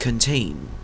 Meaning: 1. To hold inside 2. To include as a part 3. To put constraints upon; to restrain; to confine; to keep within bounds 4. To have as an element or subset
- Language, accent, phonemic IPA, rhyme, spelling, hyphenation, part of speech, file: English, Canada, /kənˈteɪn/, -eɪn, contain, con‧tain, verb, En-ca-contain.ogg